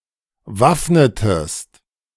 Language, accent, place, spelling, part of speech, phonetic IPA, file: German, Germany, Berlin, waffnetest, verb, [ˈvafnətəst], De-waffnetest.ogg
- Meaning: inflection of waffnen: 1. second-person singular preterite 2. second-person singular subjunctive II